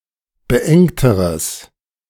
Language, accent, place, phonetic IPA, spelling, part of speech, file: German, Germany, Berlin, [bəˈʔɛŋtəʁəs], beengteres, adjective, De-beengteres.ogg
- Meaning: strong/mixed nominative/accusative neuter singular comparative degree of beengt